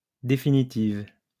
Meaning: feminine singular of définitif
- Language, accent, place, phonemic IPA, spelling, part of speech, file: French, France, Lyon, /de.fi.ni.tiv/, définitive, adjective, LL-Q150 (fra)-définitive.wav